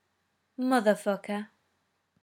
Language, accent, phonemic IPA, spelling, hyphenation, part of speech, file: English, UK, /mʌðəˌfʌkə/, motherfucker, moth‧er‧fuck‧er, interjection / noun, En-uk-motherfucker.ogg
- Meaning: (interjection) Expressing dismay, discontent, or surprise; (noun) An extremely contemptible, vicious or mean person